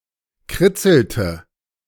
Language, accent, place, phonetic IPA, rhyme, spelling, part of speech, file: German, Germany, Berlin, [ˈkʁɪt͡sl̩tə], -ɪt͡sl̩tə, kritzelte, verb, De-kritzelte.ogg
- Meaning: inflection of kritzeln: 1. first/third-person singular preterite 2. first/third-person singular subjunctive II